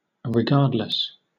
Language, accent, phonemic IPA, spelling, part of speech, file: English, Southern England, /ɹɪˈɡɑːd.lɪs/, regardless, adverb / adjective / preposition, LL-Q1860 (eng)-regardless.wav
- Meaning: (adverb) 1. Without attention to warnings or indications of bad consequences 2. Anyway; irrespective of what has just been said; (adjective) Paying no attention to; ignoring